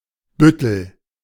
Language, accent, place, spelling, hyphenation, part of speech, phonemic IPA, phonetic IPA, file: German, Germany, Berlin, Büttel, Büt‧tel, noun / proper noun, /ˈbʏtəl/, [ˈbʏ.tl̩], De-Büttel.ogg
- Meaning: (noun) 1. court officer, usher, messenger 2. lackey, stooge, one who is servile and/or performs menial service 3. policeman; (proper noun) a municipality of Schleswig-Holstein, Germany